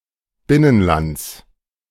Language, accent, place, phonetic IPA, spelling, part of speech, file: German, Germany, Berlin, [ˈbɪnənˌlant͡s], Binnenlands, noun, De-Binnenlands.ogg
- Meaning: genitive singular of Binnenland